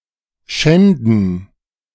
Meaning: 1. to desecrate; to dishonour 2. to violate; to rape; to ravish
- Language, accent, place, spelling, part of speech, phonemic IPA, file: German, Germany, Berlin, schänden, verb, /ˈʃɛndən/, De-schänden.ogg